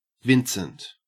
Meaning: The victim or dupe in a betting game, especially bowls
- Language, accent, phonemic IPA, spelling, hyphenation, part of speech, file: English, Australia, /ˈvɪnsənt/, vincent, vin‧cent, noun, En-au-vincent.ogg